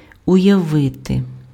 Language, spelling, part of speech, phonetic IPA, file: Ukrainian, уявити, verb, [ʊjɐˈʋɪte], Uk-уявити.ogg
- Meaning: to imagine